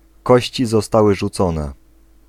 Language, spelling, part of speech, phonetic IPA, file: Polish, kości zostały rzucone, phrase, [ˈkɔɕt͡ɕi zɔˈstawɨ ʒuˈt͡sɔ̃nɛ], Pl-kości zostały rzucone.ogg